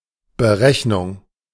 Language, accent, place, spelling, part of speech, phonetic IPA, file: German, Germany, Berlin, Berechnung, noun, [bəˈʁɛçnʊŋ], De-Berechnung.ogg
- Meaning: 1. calculation 2. computation